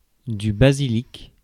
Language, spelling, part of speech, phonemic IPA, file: French, basilic, noun, /ba.zi.lik/, Fr-basilic.ogg
- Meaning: 1. basilisk (lizard, mythological serpent) 2. basil (plant, herb) 3. basilisk